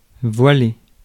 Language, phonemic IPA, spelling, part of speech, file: French, /vwa.le/, voiler, verb, Fr-voiler.ogg
- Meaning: 1. to veil (cover with a veil) 2. to cover up, to cloak, to veil (to restrict the view of something) 3. to become cloudy, to become hazy 4. to cover up with a veil